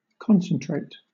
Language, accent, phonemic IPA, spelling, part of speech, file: English, Southern England, /ˈkɒn.sən.tɹeɪt/, concentrate, verb, LL-Q1860 (eng)-concentrate.wav
- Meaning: To bring to, or direct toward, a common center; to unite more closely; to gather into one body, mass, or force